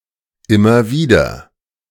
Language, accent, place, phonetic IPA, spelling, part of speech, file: German, Germany, Berlin, [ˈɪmɐ ˈviːdɐ], immer wieder, phrase, De-immer wieder.ogg
- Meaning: over and over, again and again, time and again